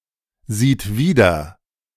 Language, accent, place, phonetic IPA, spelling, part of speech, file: German, Germany, Berlin, [ˌziːt ˈviːdɐ], sieht wieder, verb, De-sieht wieder.ogg
- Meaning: third-person singular present of wiedersehen